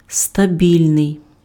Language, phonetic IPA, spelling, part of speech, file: Ukrainian, [stɐˈbʲilʲnei̯], стабільний, adjective, Uk-стабільний.ogg
- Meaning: stable